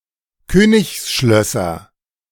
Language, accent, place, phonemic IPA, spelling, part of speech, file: German, Germany, Berlin, /ˈkøːnɪçsˌʃlœsɐ/, Königsschlösser, noun, De-Königsschlösser.ogg
- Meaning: nominative/accusative/genitive plural of Königsschloss